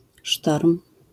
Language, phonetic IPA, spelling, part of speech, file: Polish, [ʃtɔrm], sztorm, noun, LL-Q809 (pol)-sztorm.wav